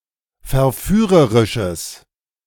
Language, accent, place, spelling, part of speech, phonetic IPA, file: German, Germany, Berlin, verführerisches, adjective, [fɛɐ̯ˈfyːʁəʁɪʃəs], De-verführerisches.ogg
- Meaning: strong/mixed nominative/accusative neuter singular of verführerisch